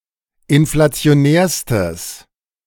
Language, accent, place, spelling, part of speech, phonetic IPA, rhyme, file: German, Germany, Berlin, inflationärstes, adjective, [ɪnflat͡si̯oˈnɛːɐ̯stəs], -ɛːɐ̯stəs, De-inflationärstes.ogg
- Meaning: strong/mixed nominative/accusative neuter singular superlative degree of inflationär